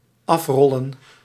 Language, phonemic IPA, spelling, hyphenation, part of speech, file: Dutch, /ˈɑfrɔlə(n)/, afrollen, af‧rol‧len, verb, Nl-afrollen.ogg
- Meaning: to roll off